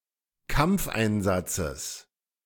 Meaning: genitive singular of Kampfeinsatz
- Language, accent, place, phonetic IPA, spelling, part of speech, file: German, Germany, Berlin, [ˈkamp͡fʔaɪ̯nˌzat͡səs], Kampfeinsatzes, noun, De-Kampfeinsatzes.ogg